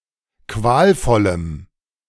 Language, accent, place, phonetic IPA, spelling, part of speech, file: German, Germany, Berlin, [ˈkvaːlˌfɔləm], qualvollem, adjective, De-qualvollem.ogg
- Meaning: strong dative masculine/neuter singular of qualvoll